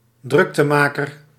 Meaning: 1. a noisy fellow, a loudmouth 2. a person who causes upheaval
- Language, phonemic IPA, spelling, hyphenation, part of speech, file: Dutch, /ˈdrʏk.təˌmaː.kər/, druktemaker, druk‧te‧ma‧ker, noun, Nl-druktemaker.ogg